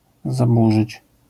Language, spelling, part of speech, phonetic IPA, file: Polish, zaburzyć, verb, [zaˈbuʒɨt͡ɕ], LL-Q809 (pol)-zaburzyć.wav